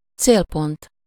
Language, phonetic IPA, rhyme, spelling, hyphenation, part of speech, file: Hungarian, [ˈt͡seːlpont], -ont, célpont, cél‧pont, noun, Hu-célpont.ogg
- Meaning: 1. target (aim, mark, or butt of throwing, stabbing, shooting etc.) 2. target (aim or victim of abuse, assault etc.)